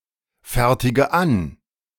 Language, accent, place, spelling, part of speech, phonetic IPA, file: German, Germany, Berlin, fertige an, verb, [ˌfɛʁtɪɡə ˈan], De-fertige an.ogg
- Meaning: inflection of anfertigen: 1. first-person singular present 2. first/third-person singular subjunctive I 3. singular imperative